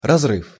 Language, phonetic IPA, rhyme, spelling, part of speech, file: Russian, [rɐzˈrɨf], -ɨf, разрыв, noun, Ru-разрыв.ogg
- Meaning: 1. rupture 2. explosion 3. break, gap